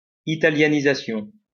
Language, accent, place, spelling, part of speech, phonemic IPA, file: French, France, Lyon, italianisation, noun, /i.ta.lja.ni.za.sjɔ̃/, LL-Q150 (fra)-italianisation.wav
- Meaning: Italianization